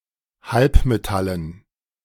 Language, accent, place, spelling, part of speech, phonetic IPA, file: German, Germany, Berlin, Halbmetallen, noun, [ˈhalpmeˌtalən], De-Halbmetallen.ogg
- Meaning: dative plural of Halbmetallen